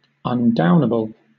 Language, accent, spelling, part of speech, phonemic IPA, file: English, Southern England, undownable, adjective, /ʌnˈdaʊn.ə.bəl/, LL-Q1860 (eng)-undownable.wav
- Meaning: 1. Undeniably important; which cannot be played down or ignored 2. Invincible; which cannot be brought down or overcome